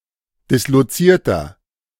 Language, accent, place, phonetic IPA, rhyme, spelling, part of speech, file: German, Germany, Berlin, [dɪsloˈt͡siːɐ̯tɐ], -iːɐ̯tɐ, dislozierter, adjective, De-dislozierter.ogg
- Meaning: inflection of disloziert: 1. strong/mixed nominative masculine singular 2. strong genitive/dative feminine singular 3. strong genitive plural